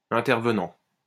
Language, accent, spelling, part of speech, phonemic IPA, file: French, France, intervenant, verb / adjective / noun, /ɛ̃.tɛʁ.və.nɑ̃/, LL-Q150 (fra)-intervenant.wav
- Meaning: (verb) present participle of intervenir; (adjective) intervening; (noun) 1. stakeholder 2. speaker (e.g. at a conference)